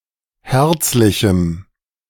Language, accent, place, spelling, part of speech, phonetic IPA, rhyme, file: German, Germany, Berlin, herzlichem, adjective, [ˈhɛʁt͡slɪçm̩], -ɛʁt͡slɪçm̩, De-herzlichem.ogg
- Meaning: strong dative masculine/neuter singular of herzlich